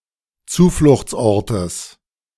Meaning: genitive singular of Zufluchtsort
- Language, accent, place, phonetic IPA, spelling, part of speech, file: German, Germany, Berlin, [ˈt͡suːflʊxt͡sˌʔɔʁtəs], Zufluchtsortes, noun, De-Zufluchtsortes.ogg